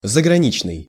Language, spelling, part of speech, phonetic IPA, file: Russian, заграничный, adjective, [zəɡrɐˈnʲit͡ɕnɨj], Ru-заграничный.ogg
- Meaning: foreign, from abroad